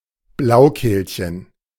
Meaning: the bluethroat (a bird in the flycatcher family, Luscinia svecica)
- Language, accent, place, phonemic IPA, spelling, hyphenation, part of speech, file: German, Germany, Berlin, /ˈblaʊ̯ˌkeːlçən/, Blaukehlchen, Blau‧kehl‧chen, noun, De-Blaukehlchen.ogg